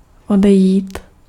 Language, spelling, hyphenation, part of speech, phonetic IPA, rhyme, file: Czech, odejít, ode‧jít, verb, [ˈodɛjiːt], -ɛjiːt, Cs-odejít.ogg
- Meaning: to go away, walk off